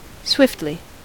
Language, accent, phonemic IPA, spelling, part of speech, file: English, US, /ˈswɪftli/, swiftly, adverb, En-us-swiftly.ogg
- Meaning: In a swift manner; quickly; with quick motion or velocity; fleetly